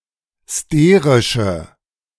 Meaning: inflection of sterisch: 1. strong/mixed nominative/accusative feminine singular 2. strong nominative/accusative plural 3. weak nominative all-gender singular
- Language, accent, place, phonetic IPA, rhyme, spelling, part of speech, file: German, Germany, Berlin, [ˈsteːʁɪʃə], -eːʁɪʃə, sterische, adjective, De-sterische.ogg